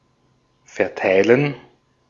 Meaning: 1. to distribute 2. to spread 3. to spread out
- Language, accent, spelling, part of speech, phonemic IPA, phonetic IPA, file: German, Austria, verteilen, verb, /fɛʁˈtaɪ̯lən/, [fɛɐ̯ˈtʰaɪ̯ln], De-at-verteilen.ogg